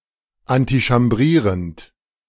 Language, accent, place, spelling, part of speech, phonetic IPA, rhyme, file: German, Germany, Berlin, antichambrierend, verb, [antiʃamˈbʁiːʁənt], -iːʁənt, De-antichambrierend.ogg
- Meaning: present participle of antichambrieren